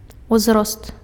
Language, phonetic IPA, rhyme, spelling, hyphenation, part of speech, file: Belarusian, [uzˈrost], -ost, узрост, уз‧рост, noun, Be-узрост.ogg
- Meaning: age